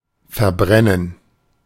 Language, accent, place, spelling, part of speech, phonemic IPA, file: German, Germany, Berlin, verbrennen, verb, /fɛɐ̯ˈbʁɛnən/, De-verbrennen.ogg
- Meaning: 1. to burn (to cause to be consumed by fire or flames), to incinerate, to combust 2. to burn oneself, to suffer a burning 3. to scorch 4. to burn (to hurt the mouth by an overdose of spices)